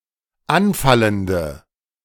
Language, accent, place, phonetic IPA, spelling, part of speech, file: German, Germany, Berlin, [ˈanˌfaləndə], anfallende, adjective, De-anfallende.ogg
- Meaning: inflection of anfallend: 1. strong/mixed nominative/accusative feminine singular 2. strong nominative/accusative plural 3. weak nominative all-gender singular